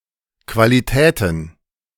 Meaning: plural of Qualität
- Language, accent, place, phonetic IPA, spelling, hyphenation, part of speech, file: German, Germany, Berlin, [ˌkvaliˈtɛːtn̩], Qualitäten, Qua‧li‧tä‧ten, noun, De-Qualitäten.ogg